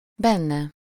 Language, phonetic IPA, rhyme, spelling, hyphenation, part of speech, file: Hungarian, [ˈbɛnːɛ], -nɛ, benne, ben‧ne, pronoun, Hu-benne.ogg
- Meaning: 1. inside someone or something, in him/her/it, him/her/it 2. to be game, ready, willing (to participate or open to some deal or agreement)